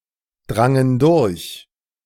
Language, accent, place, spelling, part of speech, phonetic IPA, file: German, Germany, Berlin, drangen durch, verb, [ˌdʁaŋən ˈdʊʁç], De-drangen durch.ogg
- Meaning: first/third-person plural preterite of durchdringen